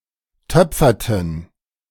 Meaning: inflection of töpfern: 1. first/third-person plural preterite 2. first/third-person plural subjunctive II
- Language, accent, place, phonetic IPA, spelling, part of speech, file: German, Germany, Berlin, [ˈtœp͡fɐtn̩], töpferten, verb, De-töpferten.ogg